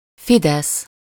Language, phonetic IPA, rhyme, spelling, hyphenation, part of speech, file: Hungarian, [ˈfidɛs], -ɛs, Fidesz, Fi‧desz, proper noun, Hu-Fidesz.ogg